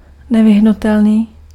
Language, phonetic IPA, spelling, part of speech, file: Czech, [ˈnɛvɪɦnutɛlniː], nevyhnutelný, adjective, Cs-nevyhnutelný.ogg
- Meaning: inevitable, unavoidable